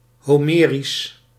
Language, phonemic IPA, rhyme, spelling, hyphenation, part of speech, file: Dutch, /ˌɦoːˈmeː.ris/, -eːris, homerisch, ho‧me‧risch, adjective, Nl-homerisch.ogg
- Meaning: Homeric (pertaining to Homer, his genre of epic or his style)